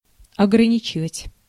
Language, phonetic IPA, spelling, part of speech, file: Russian, [ɐɡrɐˈnʲit͡ɕɪvətʲ], ограничивать, verb, Ru-ограничивать.ogg
- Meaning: 1. to confine, to limit, to restrict, to cut down 2. to constrain, to bound